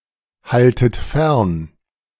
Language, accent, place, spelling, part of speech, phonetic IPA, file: German, Germany, Berlin, haltet fern, verb, [ˌhaltət ˈfɛʁn], De-haltet fern.ogg
- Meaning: inflection of fernhalten: 1. second-person plural present 2. second-person plural subjunctive I 3. plural imperative